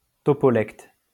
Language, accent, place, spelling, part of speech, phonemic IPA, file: French, France, Lyon, topolecte, noun, /tɔ.pɔ.lɛkt/, LL-Q150 (fra)-topolecte.wav
- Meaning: topolect